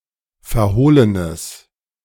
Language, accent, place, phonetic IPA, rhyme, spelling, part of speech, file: German, Germany, Berlin, [fɛɐ̯ˈhoːlənəs], -oːlənəs, verhohlenes, adjective, De-verhohlenes.ogg
- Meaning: strong/mixed nominative/accusative neuter singular of verhohlen